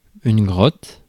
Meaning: cave (a large, naturally occurring cavity formed underground)
- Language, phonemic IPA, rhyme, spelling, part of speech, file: French, /ɡʁɔt/, -ɔt, grotte, noun, Fr-grotte.ogg